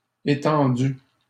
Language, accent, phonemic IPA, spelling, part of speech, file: French, Canada, /e.tɑ̃.dy/, étendues, adjective, LL-Q150 (fra)-étendues.wav
- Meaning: feminine plural of étendu